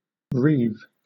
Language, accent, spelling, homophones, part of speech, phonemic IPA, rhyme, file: English, Southern England, reave, reeve / wreathe, verb, /ɹiːv/, -iːv, LL-Q1860 (eng)-reave.wav
- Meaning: 1. To plunder, pillage, rob, pirate, or remove 2. To deprive (a person) of something through theft or violence 3. To split, tear, break apart